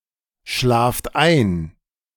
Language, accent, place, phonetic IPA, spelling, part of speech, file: German, Germany, Berlin, [ˌʃlaːft ˈaɪ̯n], schlaft ein, verb, De-schlaft ein.ogg
- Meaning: inflection of einschlafen: 1. second-person plural present 2. plural imperative